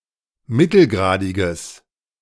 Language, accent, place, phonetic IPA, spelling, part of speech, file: German, Germany, Berlin, [ˈmɪtl̩ˌɡʁaːdɪɡəs], mittelgradiges, adjective, De-mittelgradiges.ogg
- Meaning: strong/mixed nominative/accusative neuter singular of mittelgradig